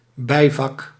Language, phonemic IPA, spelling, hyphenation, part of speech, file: Dutch, /ˈbɛi̯.vɑk/, bijvak, bij‧vak, noun, Nl-bijvak.ogg
- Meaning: a minor subject (at a tertiary institution)